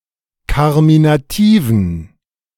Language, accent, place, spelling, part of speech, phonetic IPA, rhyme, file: German, Germany, Berlin, karminativen, adjective, [ˌkaʁminaˈtiːvn̩], -iːvn̩, De-karminativen.ogg
- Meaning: inflection of karminativ: 1. strong genitive masculine/neuter singular 2. weak/mixed genitive/dative all-gender singular 3. strong/weak/mixed accusative masculine singular 4. strong dative plural